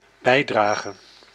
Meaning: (noun) contribution; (verb) singular dependent-clause present subjunctive of bijdragen
- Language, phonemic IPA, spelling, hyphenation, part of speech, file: Dutch, /ˈbɛi̯ˌdraː.ɣə/, bijdrage, bij‧dra‧ge, noun / verb, Nl-bijdrage.ogg